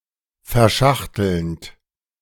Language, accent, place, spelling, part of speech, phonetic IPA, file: German, Germany, Berlin, verschachtelnd, verb, [fɛɐ̯ˈʃaxtl̩nt], De-verschachtelnd.ogg
- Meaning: present participle of verschachteln